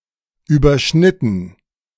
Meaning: 1. past participle of überschneiden 2. inflection of überschneiden: first/third-person plural preterite 3. inflection of überschneiden: first/third-person plural subjunctive II
- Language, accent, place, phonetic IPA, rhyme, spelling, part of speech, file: German, Germany, Berlin, [yːbɐˈʃnɪtn̩], -ɪtn̩, überschnitten, verb, De-überschnitten.ogg